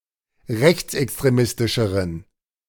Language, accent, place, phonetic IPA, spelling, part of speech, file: German, Germany, Berlin, [ˈʁɛçt͡sʔɛkstʁeˌmɪstɪʃəʁən], rechtsextremistischeren, adjective, De-rechtsextremistischeren.ogg
- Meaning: inflection of rechtsextremistisch: 1. strong genitive masculine/neuter singular comparative degree 2. weak/mixed genitive/dative all-gender singular comparative degree